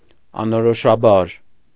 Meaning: indefinitely, indistinctly, vaguely
- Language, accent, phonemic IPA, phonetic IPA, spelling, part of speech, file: Armenian, Eastern Armenian, /ɑnoɾoʃɑˈbɑɾ/, [ɑnoɾoʃɑbɑ́ɾ], անորոշաբար, adverb, Hy-անորոշաբար.ogg